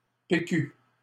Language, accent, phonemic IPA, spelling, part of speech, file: French, Canada, /pe.ky/, PQ, noun / proper noun, LL-Q150 (fra)-PQ.wav
- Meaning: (noun) initialism of papier cul loo roll (UK), bog roll (UK, Aust.), TP (toilet paper) (US); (proper noun) 1. initialism of Parti Québécois 2. initialism of province de Québec